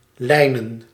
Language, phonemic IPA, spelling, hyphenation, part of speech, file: Dutch, /ˈlɛi̯.nə(n)/, lijnen, lij‧nen, verb / noun, Nl-lijnen.ogg
- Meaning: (verb) 1. to draw lines 2. to form a line, to be on (a) line(s) 3. to diet in order to get a slim(mer) waistline; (noun) plural of lijn